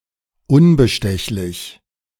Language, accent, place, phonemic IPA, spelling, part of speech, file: German, Germany, Berlin, /ˈʊnbəʃtɛçlɪç/, unbestechlich, adjective, De-unbestechlich.ogg
- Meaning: unbribable, incorruptible